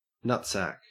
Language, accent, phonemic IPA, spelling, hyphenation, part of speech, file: English, Australia, /ˈnʌtsæk/, nutsack, nut‧sack, noun, En-au-nutsack.ogg
- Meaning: 1. A bag in which nuts are carried or stored 2. The scrotum 3. An objectionable person (especially a man)